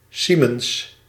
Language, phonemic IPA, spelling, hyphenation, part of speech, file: Dutch, /ˈsi.məns/, siemens, sie‧mens, noun, Nl-siemens.ogg
- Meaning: siemens (unit of electrical conductance)